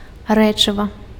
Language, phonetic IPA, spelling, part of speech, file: Belarusian, [ˈrɛt͡ʂɨva], рэчыва, noun, Be-рэчыва.ogg
- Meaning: substance, stuff